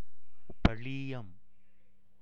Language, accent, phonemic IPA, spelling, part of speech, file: Tamil, India, /pɐɻiːjɐm/, பழீயம், noun, Ta-பழீயம்.ogg
- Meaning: vanadium